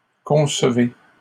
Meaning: inflection of concevoir: 1. second-person plural present indicative 2. second-person plural imperative
- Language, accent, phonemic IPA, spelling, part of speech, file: French, Canada, /kɔ̃s.ve/, concevez, verb, LL-Q150 (fra)-concevez.wav